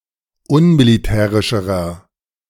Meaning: inflection of unmilitärisch: 1. strong/mixed nominative masculine singular comparative degree 2. strong genitive/dative feminine singular comparative degree
- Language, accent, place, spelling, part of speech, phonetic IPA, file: German, Germany, Berlin, unmilitärischerer, adjective, [ˈʊnmiliˌtɛːʁɪʃəʁɐ], De-unmilitärischerer.ogg